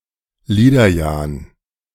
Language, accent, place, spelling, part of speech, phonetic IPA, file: German, Germany, Berlin, Liederjan, noun, [ˈliːdɐˌjaːn], De-Liederjan.ogg
- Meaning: slob (slovenly person)